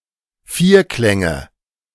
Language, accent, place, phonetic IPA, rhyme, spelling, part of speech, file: German, Germany, Berlin, [ˈfiːɐ̯ˌklɛŋə], -iːɐ̯klɛŋə, Vierklänge, noun, De-Vierklänge.ogg
- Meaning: nominative/accusative/genitive plural of Vierklang